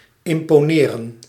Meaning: to impress, to intimidate
- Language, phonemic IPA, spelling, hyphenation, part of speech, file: Dutch, /ˌɪm.poːˈneː.rə(n)/, imponeren, im‧po‧ne‧ren, verb, Nl-imponeren.ogg